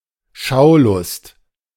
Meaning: (voyeuristic) curiosity, voyeurism; the desire or enjoyment of watching (a spectacle etc.)
- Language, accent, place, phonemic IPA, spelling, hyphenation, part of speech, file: German, Germany, Berlin, /ˈʃaʊ̯ˌlʊst/, Schaulust, Schau‧lust, noun, De-Schaulust.ogg